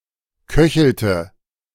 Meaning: inflection of köcheln: 1. first/third-person singular preterite 2. first/third-person singular subjunctive II
- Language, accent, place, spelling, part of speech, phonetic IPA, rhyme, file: German, Germany, Berlin, köchelte, verb, [ˈkœçl̩tə], -œçl̩tə, De-köchelte.ogg